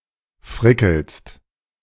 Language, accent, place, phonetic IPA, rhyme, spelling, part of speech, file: German, Germany, Berlin, [ˈfʁɪkl̩st], -ɪkl̩st, frickelst, verb, De-frickelst.ogg
- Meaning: second-person singular present of frickeln